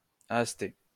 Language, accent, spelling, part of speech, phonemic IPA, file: French, France, aastais, adjective, /as.tɛ/, LL-Q150 (fra)-aastais.wav
- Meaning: of Aast